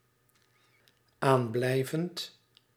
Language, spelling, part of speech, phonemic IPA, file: Dutch, aanblijvend, verb, /ˈamblɛivənt/, Nl-aanblijvend.ogg
- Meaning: present participle of aanblijven